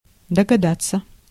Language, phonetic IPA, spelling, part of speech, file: Russian, [dəɡɐˈdat͡sːə], догадаться, verb, Ru-догадаться.ogg
- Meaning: 1. to guess (to reach an unqualified conclusion) 2. to surmise, to suspect, to conjecture 3. to cotton on, to glom on